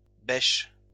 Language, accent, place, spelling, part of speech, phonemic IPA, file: French, France, Lyon, bêches, noun, /bɛʃ/, LL-Q150 (fra)-bêches.wav
- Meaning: plural of bêche